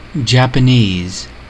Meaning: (adjective) Of, relating to, derived from, or characteristic of Japan, its people, language, or culture
- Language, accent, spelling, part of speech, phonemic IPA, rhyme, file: English, US, Japanese, adjective / noun / proper noun, /ˌdʒæp.əˈniːz/, -iːz, En-us-Japanese.ogg